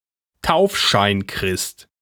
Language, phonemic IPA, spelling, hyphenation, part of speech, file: German, /ˈtaʊ̯fʃaɪ̯nˌkʁɪst/, Taufscheinchrist, Tauf‧schein‧christ, noun, De-Taufscheinchrist.ogg
- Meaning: nominal Christian